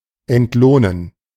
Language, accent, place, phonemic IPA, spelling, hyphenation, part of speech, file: German, Germany, Berlin, /ɛntˈloːnən/, entlohnen, ent‧loh‧nen, verb, De-entlohnen.ogg
- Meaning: to pay, compensate